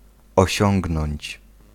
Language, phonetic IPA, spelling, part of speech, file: Polish, [ɔˈɕɔ̃ŋɡnɔ̃ɲt͡ɕ], osiągnąć, verb, Pl-osiągnąć.ogg